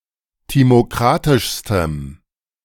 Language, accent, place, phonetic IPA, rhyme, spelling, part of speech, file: German, Germany, Berlin, [ˌtimoˈkʁatɪʃstəm], -atɪʃstəm, timokratischstem, adjective, De-timokratischstem.ogg
- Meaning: strong dative masculine/neuter singular superlative degree of timokratisch